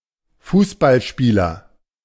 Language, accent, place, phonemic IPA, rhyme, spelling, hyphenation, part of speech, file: German, Germany, Berlin, /ˈfuːsbalˌʃpiːlɐ/, -iːlɐ, Fußballspieler, Fuß‧ball‧spie‧ler, noun, De-Fußballspieler.ogg
- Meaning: footballer, football player, soccer player (male or of unspecified gender)